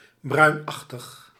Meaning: brownish
- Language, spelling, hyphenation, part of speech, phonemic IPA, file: Dutch, bruinachtig, bruin‧ach‧tig, adjective, /ˈbrœy̯nˌɑx.təx/, Nl-bruinachtig.ogg